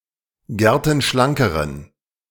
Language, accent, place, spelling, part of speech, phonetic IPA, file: German, Germany, Berlin, gertenschlankeren, adjective, [ˈɡɛʁtn̩ˌʃlaŋkəʁən], De-gertenschlankeren.ogg
- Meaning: inflection of gertenschlank: 1. strong genitive masculine/neuter singular comparative degree 2. weak/mixed genitive/dative all-gender singular comparative degree